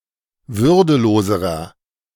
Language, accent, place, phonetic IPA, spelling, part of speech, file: German, Germany, Berlin, [ˈvʏʁdəˌloːzəʁɐ], würdeloserer, adjective, De-würdeloserer.ogg
- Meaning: inflection of würdelos: 1. strong/mixed nominative masculine singular comparative degree 2. strong genitive/dative feminine singular comparative degree 3. strong genitive plural comparative degree